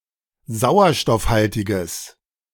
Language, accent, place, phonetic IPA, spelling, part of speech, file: German, Germany, Berlin, [ˈzaʊ̯ɐʃtɔfˌhaltɪɡəs], sauerstoffhaltiges, adjective, De-sauerstoffhaltiges.ogg
- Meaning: strong/mixed nominative/accusative neuter singular of sauerstoffhaltig